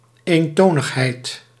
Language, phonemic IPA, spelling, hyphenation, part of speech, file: Dutch, /ˌeːnˈtoː.nəx.ɦɛi̯t/, eentonigheid, een‧to‧nig‧heid, noun, Nl-eentonigheid.ogg
- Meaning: monotony, dullness